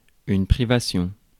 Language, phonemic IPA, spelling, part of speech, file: French, /pʁi.va.sjɔ̃/, privation, noun, Fr-privation.ogg
- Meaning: 1. deprivation 2. shortage, deficiency 3. defect